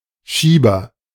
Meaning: 1. slide, slider 2. gate, valve 3. bedpan 4. agent noun of schieben; pusher 5. black marketeer, profiteer
- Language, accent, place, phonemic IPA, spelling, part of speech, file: German, Germany, Berlin, /ˈʃiːbɐ/, Schieber, noun, De-Schieber.ogg